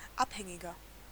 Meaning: 1. comparative degree of abhängig 2. inflection of abhängig: strong/mixed nominative masculine singular 3. inflection of abhängig: strong genitive/dative feminine singular
- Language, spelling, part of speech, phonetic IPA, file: German, abhängiger, adjective, [ˈapˌhɛŋɪɡɐ], De-abhängiger.ogg